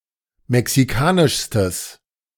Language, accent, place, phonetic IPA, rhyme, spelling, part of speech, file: German, Germany, Berlin, [mɛksiˈkaːnɪʃstəs], -aːnɪʃstəs, mexikanischstes, adjective, De-mexikanischstes.ogg
- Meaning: strong/mixed nominative/accusative neuter singular superlative degree of mexikanisch